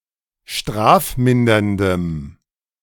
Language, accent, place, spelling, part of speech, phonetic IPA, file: German, Germany, Berlin, strafminderndem, adjective, [ˈʃtʁaːfˌmɪndɐndəm], De-strafminderndem.ogg
- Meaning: strong dative masculine/neuter singular of strafmindernd